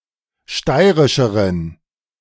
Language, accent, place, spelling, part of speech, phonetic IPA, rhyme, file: German, Germany, Berlin, steirischeren, adjective, [ˈʃtaɪ̯ʁɪʃəʁən], -aɪ̯ʁɪʃəʁən, De-steirischeren.ogg
- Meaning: inflection of steirisch: 1. strong genitive masculine/neuter singular comparative degree 2. weak/mixed genitive/dative all-gender singular comparative degree